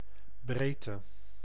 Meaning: 1. width 2. latitude
- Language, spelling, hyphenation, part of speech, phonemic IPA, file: Dutch, breedte, breed‧te, noun, /ˈbreː.tə/, Nl-breedte.ogg